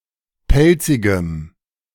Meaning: strong dative masculine/neuter singular of pelzig
- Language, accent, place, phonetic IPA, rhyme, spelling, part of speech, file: German, Germany, Berlin, [ˈpɛlt͡sɪɡəm], -ɛlt͡sɪɡəm, pelzigem, adjective, De-pelzigem.ogg